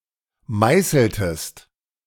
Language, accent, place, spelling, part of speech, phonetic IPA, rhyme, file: German, Germany, Berlin, meißeltest, verb, [ˈmaɪ̯sl̩təst], -aɪ̯sl̩təst, De-meißeltest.ogg
- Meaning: inflection of meißeln: 1. second-person singular preterite 2. second-person singular subjunctive II